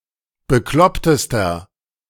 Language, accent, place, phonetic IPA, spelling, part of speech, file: German, Germany, Berlin, [bəˈklɔptəstɐ], beklopptester, adjective, De-beklopptester.ogg
- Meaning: inflection of bekloppt: 1. strong/mixed nominative masculine singular superlative degree 2. strong genitive/dative feminine singular superlative degree 3. strong genitive plural superlative degree